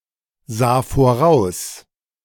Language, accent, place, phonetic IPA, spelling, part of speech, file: German, Germany, Berlin, [ˌzaː foˈʁaʊ̯s], sah voraus, verb, De-sah voraus.ogg
- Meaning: first/third-person singular preterite of voraussehen